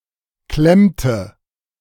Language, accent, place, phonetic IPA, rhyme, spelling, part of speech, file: German, Germany, Berlin, [ˈklɛmtə], -ɛmtə, klemmte, verb, De-klemmte.ogg
- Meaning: inflection of klemmen: 1. first/third-person singular preterite 2. first/third-person singular subjunctive II